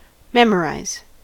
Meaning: To fully learn so as to have entirely available to the memory; to learn by heart, commit to memory
- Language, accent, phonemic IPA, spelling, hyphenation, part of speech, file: English, US, /ˈmɛm.əˌɹaɪ̯z/, memorize, mem‧or‧ize, verb, En-us-memorize.ogg